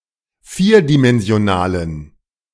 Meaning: strong dative masculine/neuter singular of vierdimensional
- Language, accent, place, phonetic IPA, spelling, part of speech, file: German, Germany, Berlin, [ˈfiːɐ̯dimɛnzi̯oˌnaːləm], vierdimensionalem, adjective, De-vierdimensionalem.ogg